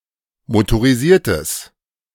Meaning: strong/mixed nominative/accusative neuter singular of motorisiert
- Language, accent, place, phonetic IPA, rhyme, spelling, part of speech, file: German, Germany, Berlin, [motoʁiˈziːɐ̯təs], -iːɐ̯təs, motorisiertes, adjective, De-motorisiertes.ogg